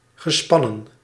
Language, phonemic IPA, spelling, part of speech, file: Dutch, /ɣəˈspɑnə(n)/, gespannen, adjective / verb / noun, Nl-gespannen.ogg
- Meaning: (adjective) tense; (verb) past participle of spannen